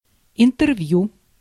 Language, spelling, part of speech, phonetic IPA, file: Russian, интервью, noun, [ɪntɨrˈv⁽ʲ⁾ju], Ru-интервью.ogg
- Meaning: interview